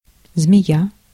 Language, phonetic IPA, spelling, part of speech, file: Russian, [zmʲɪˈja], змея, noun, Ru-змея.ogg
- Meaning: 1. snake, serpent 2. crafty, sneaky person, snake